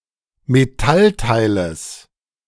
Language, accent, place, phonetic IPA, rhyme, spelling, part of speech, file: German, Germany, Berlin, [meˈtalˌtaɪ̯ləs], -altaɪ̯ləs, Metallteiles, noun, De-Metallteiles.ogg
- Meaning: genitive singular of Metallteil